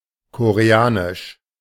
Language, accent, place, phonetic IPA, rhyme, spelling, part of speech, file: German, Germany, Berlin, [koʁeˈaːnɪʃ], -aːnɪʃ, koreanisch, adjective, De-koreanisch.ogg
- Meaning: Korean